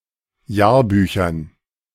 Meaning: dative plural of Jahrbuch
- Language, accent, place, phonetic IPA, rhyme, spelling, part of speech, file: German, Germany, Berlin, [ˈjaːɐ̯ˌbyːçɐn], -aːɐ̯byːçɐn, Jahrbüchern, noun, De-Jahrbüchern.ogg